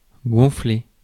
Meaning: 1. to inflate, to blow up 2. to swell, to puff up 3. to get on someone's nerves
- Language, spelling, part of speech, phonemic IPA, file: French, gonfler, verb, /ɡɔ̃.fle/, Fr-gonfler.ogg